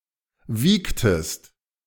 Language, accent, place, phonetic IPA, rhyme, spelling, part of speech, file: German, Germany, Berlin, [ˈviːktəst], -iːktəst, wiegtest, verb, De-wiegtest.ogg
- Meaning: inflection of wiegen: 1. second-person singular preterite 2. second-person singular subjunctive II